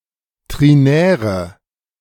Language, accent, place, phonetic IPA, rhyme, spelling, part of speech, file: German, Germany, Berlin, [ˌtʁiˈnɛːʁə], -ɛːʁə, trinäre, adjective, De-trinäre.ogg
- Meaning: inflection of trinär: 1. strong/mixed nominative/accusative feminine singular 2. strong nominative/accusative plural 3. weak nominative all-gender singular 4. weak accusative feminine/neuter singular